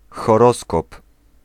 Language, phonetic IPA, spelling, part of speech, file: Polish, [xɔˈrɔskɔp], horoskop, noun, Pl-horoskop.ogg